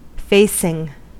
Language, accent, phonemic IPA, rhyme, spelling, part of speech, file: English, US, /ˈfeɪsɪŋ/, -eɪsɪŋ, facing, adjective / noun / verb, En-us-facing.ogg
- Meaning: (adjective) 1. Positioned so as to face (in a particular direction) 2. Diverging in the direction of travel; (noun) The most external portion of exterior siding